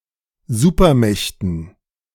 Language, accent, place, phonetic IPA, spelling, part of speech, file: German, Germany, Berlin, [ˈzuːpɐˌmɛçtn̩], Supermächten, noun, De-Supermächten.ogg
- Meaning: dative plural of Supermacht